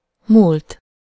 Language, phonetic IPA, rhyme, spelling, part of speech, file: Hungarian, [ˈmuːlt], -uːlt, múlt, verb / adjective / noun, Hu-múlt.ogg
- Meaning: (verb) 1. third-person singular indicative past indefinite of múlik 2. past participle of múlik; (adjective) 1. past 2. last (with weeks, months, years, and larger time units)